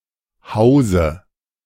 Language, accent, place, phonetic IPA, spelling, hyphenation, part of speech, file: German, Germany, Berlin, [ˈhaʊ̯zə], Hause, Hau‧se, noun, De-Hause.ogg
- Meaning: 1. dative singular of Haus 2. nominative singular of Hausen